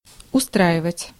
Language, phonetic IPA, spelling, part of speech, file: Russian, [ʊˈstraɪvətʲ], устраивать, verb, Ru-устраивать.ogg
- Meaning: 1. to arrange, to organize, to establish 2. to make 3. to settle, to put in order 4. to place, to fix up, to set up 5. to suit, to satisfy, to be convenient (for)